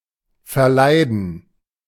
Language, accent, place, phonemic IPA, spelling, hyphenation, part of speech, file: German, Germany, Berlin, /fɛʁˈlaɪ̯dn̩/, verleiden, ver‧lei‧den, verb, De-verleiden.ogg
- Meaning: to put someone off something, to ruin or spoil something for someone